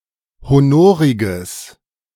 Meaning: strong/mixed nominative/accusative neuter singular of honorig
- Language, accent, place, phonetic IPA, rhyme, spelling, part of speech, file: German, Germany, Berlin, [hoˈnoːʁɪɡəs], -oːʁɪɡəs, honoriges, adjective, De-honoriges.ogg